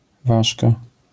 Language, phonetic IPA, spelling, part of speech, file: Polish, [ˈvaʃka], ważka, noun / adjective, LL-Q809 (pol)-ważka.wav